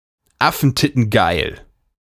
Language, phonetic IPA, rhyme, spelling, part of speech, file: German, [ˈafn̩tɪtn̩ˈɡaɪ̯l], -aɪ̯l, affentittengeil, adjective, De-affentittengeil.ogg
- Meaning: awesome, wicked (very good)